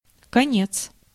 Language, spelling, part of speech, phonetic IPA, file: Russian, конец, noun, [kɐˈnʲet͡s], Ru-конец.ogg
- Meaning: 1. end 2. ending, close, termination 3. death 4. distance, way 5. male sex organ 6. rope 7. borough (in medieval Novgorod)